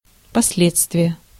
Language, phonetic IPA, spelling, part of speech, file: Russian, [pɐs⁽ʲ⁾ˈlʲet͡stvʲɪje], последствие, noun, Ru-последствие.ogg
- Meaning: consequence